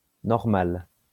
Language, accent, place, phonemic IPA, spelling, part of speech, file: French, France, Lyon, /nɔʁ.mal/, normale, adjective / noun, LL-Q150 (fra)-normale.wav
- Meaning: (adjective) feminine singular of normal; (noun) Line perpendicular to a curve